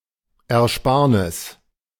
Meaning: 1. saving (reduction of cost) 2. savings (money saved)
- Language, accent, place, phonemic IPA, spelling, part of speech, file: German, Germany, Berlin, /ɛrˈʃpaːrnɪs/, Ersparnis, noun, De-Ersparnis.ogg